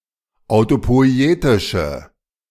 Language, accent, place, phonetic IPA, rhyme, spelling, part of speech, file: German, Germany, Berlin, [aʊ̯topɔɪ̯ˈeːtɪʃə], -eːtɪʃə, autopoietische, adjective, De-autopoietische.ogg
- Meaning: inflection of autopoietisch: 1. strong/mixed nominative/accusative feminine singular 2. strong nominative/accusative plural 3. weak nominative all-gender singular